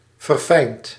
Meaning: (adjective) refined; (verb) past participle of verfijnen
- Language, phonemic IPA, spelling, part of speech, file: Dutch, /vərˈfɛint/, verfijnd, adjective / verb, Nl-verfijnd.ogg